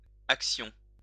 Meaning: axion
- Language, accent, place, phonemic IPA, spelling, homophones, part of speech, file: French, France, Lyon, /ak.sjɔ̃/, axion, action, noun, LL-Q150 (fra)-axion.wav